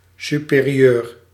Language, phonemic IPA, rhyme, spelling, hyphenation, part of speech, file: Dutch, /ˌsy.peː.riˈøːr/, -øːr, superieur, su‧pe‧ri‧eur, adjective / noun, Nl-superieur.ogg
- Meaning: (adjective) superior; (noun) one's superior